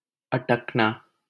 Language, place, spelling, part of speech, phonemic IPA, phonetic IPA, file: Hindi, Delhi, अटकना, verb, /ə.ʈək.nɑː/, [ɐ.ʈɐk.näː], LL-Q1568 (hin)-अटकना.wav
- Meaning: 1. to be stopped, to stop 2. to be stuck, jammed, entangled 3. to falter 4. to become involved, to be caught in something